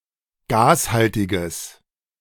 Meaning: strong/mixed nominative/accusative neuter singular of gashaltig
- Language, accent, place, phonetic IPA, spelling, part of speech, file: German, Germany, Berlin, [ˈɡaːsˌhaltɪɡəs], gashaltiges, adjective, De-gashaltiges.ogg